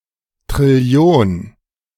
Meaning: quintillion (10¹⁸)
- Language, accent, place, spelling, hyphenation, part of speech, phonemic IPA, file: German, Germany, Berlin, Trillion, Tril‧li‧on, numeral, /tʁɪˈli̯oːn/, De-Trillion.ogg